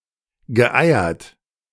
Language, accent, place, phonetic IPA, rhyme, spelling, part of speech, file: German, Germany, Berlin, [ɡəˈʔaɪ̯ɐt], -aɪ̯ɐt, geeiert, verb, De-geeiert.ogg
- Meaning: past participle of eiern